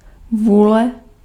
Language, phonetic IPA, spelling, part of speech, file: Czech, [ˈvuːlɛ], vůle, noun, Cs-vůle.ogg
- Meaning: will